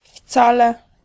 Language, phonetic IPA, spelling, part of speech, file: Polish, [ˈft͡salɛ], wcale, adverb / particle, Pl-wcale.ogg